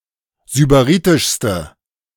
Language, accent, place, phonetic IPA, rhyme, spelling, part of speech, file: German, Germany, Berlin, [zybaˈʁiːtɪʃstə], -iːtɪʃstə, sybaritischste, adjective, De-sybaritischste.ogg
- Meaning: inflection of sybaritisch: 1. strong/mixed nominative/accusative feminine singular superlative degree 2. strong nominative/accusative plural superlative degree